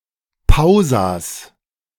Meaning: genitive of Pausa
- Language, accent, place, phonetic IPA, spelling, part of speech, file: German, Germany, Berlin, [ˈpaʊ̯zas], Pausas, noun, De-Pausas.ogg